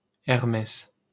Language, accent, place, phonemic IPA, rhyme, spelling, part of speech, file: French, France, Paris, /ɛʁ.mɛs/, -ɛs, Hermès, proper noun, LL-Q150 (fra)-Hermès.wav
- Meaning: Hermes (god)